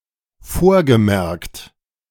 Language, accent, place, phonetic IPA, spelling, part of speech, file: German, Germany, Berlin, [ˈfoːɐ̯ɡəˌmɛʁkt], vorgemerkt, verb, De-vorgemerkt.ogg
- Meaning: past participle of vormerken